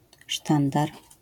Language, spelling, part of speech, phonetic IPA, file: Polish, sztandar, noun, [ˈʃtãndar], LL-Q809 (pol)-sztandar.wav